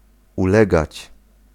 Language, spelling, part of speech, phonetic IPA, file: Polish, ulegać, verb, [uˈlɛɡat͡ɕ], Pl-ulegać.ogg